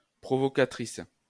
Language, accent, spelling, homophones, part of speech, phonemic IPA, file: French, France, provocatrice, provocatrices, noun, /pʁɔ.vɔ.ka.tʁis/, LL-Q150 (fra)-provocatrice.wav
- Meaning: female equivalent of provocateur